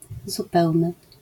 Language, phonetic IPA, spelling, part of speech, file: Polish, [zuˈpɛwnɨ], zupełny, adjective, LL-Q809 (pol)-zupełny.wav